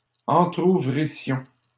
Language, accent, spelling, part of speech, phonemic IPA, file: French, Canada, entrouvrissions, verb, /ɑ̃.tʁu.vʁi.sjɔ̃/, LL-Q150 (fra)-entrouvrissions.wav
- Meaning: first-person plural imperfect subjunctive of entrouvrir